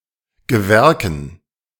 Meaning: 1. dative plural of Gewerk 2. genitive singular of Gewerke 3. dative singular of Gewerke 4. accusative singular of Gewerke 5. plural of Gewerke
- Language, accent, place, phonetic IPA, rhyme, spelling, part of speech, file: German, Germany, Berlin, [ɡəˈvɛʁkn̩], -ɛʁkn̩, Gewerken, noun, De-Gewerken.ogg